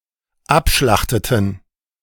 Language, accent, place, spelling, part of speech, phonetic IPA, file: German, Germany, Berlin, abschlachteten, verb, [ˈapˌʃlaxtətn̩], De-abschlachteten.ogg
- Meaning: inflection of abschlachten: 1. first/third-person plural dependent preterite 2. first/third-person plural dependent subjunctive II